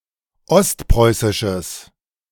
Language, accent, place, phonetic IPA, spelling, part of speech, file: German, Germany, Berlin, [ˈɔstˌpʁɔɪ̯sɪʃəs], ostpreußisches, adjective, De-ostpreußisches.ogg
- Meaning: strong/mixed nominative/accusative neuter singular of ostpreußisch